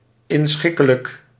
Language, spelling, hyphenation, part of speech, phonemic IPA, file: Dutch, inschikkelijk, in‧schik‧ke‧lijk, adjective, /ɪnˈsxɪ.kə.lək/, Nl-inschikkelijk.ogg
- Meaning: accommodating; acquiescent